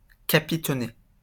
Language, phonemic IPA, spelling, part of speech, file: French, /ka.pi.tɔ.ne/, capitonner, verb, LL-Q150 (fra)-capitonner.wav
- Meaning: to pad (fill with padding)